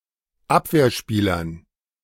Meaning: dative plural of Abwehrspieler
- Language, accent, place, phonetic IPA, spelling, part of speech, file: German, Germany, Berlin, [ˈapveːɐ̯ˌʃpiːlɐn], Abwehrspielern, noun, De-Abwehrspielern.ogg